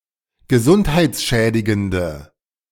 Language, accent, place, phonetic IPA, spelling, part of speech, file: German, Germany, Berlin, [ɡəˈzʊnthaɪ̯t͡sˌʃɛːdɪɡəndə], gesundheitsschädigende, adjective, De-gesundheitsschädigende.ogg
- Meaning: inflection of gesundheitsschädigend: 1. strong/mixed nominative/accusative feminine singular 2. strong nominative/accusative plural 3. weak nominative all-gender singular